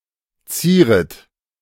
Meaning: second-person plural subjunctive I of zieren
- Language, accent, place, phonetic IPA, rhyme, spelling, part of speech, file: German, Germany, Berlin, [ˈt͡siːʁət], -iːʁət, zieret, verb, De-zieret.ogg